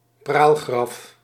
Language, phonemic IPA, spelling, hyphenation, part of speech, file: Dutch, /ˈpraːl.ɣrɑf/, praalgraf, praal‧graf, noun, Nl-praalgraf.ogg
- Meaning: a decorative grave or funerary monument (e.g. a large statue), a mausoleum